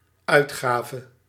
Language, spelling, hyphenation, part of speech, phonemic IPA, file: Dutch, uitgave, uit‧ga‧ve, noun / verb, /ˈœy̯tˌxaː.və/, Nl-uitgave.ogg
- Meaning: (noun) 1. edition (of a publication) 2. release, e.g. of an album 3. outlay, expenditure; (verb) singular dependent-clause past subjunctive of uitgeven